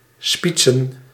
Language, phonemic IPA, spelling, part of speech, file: Dutch, /ˈspitsə(n)/, spietsen, verb, Nl-spietsen.ogg
- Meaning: to impale